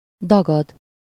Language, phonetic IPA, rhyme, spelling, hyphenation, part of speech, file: Hungarian, [ˈdɒɡɒd], -ɒd, dagad, da‧gad, verb, Hu-dagad.ogg
- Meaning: to swell, rise